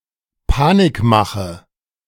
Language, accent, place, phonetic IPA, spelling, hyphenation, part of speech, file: German, Germany, Berlin, [ˈpaːnɪkˌmaχə], Panikmache, Pa‧nik‧ma‧che, noun, De-Panikmache.ogg
- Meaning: scaremongering, alarmism, scare tactics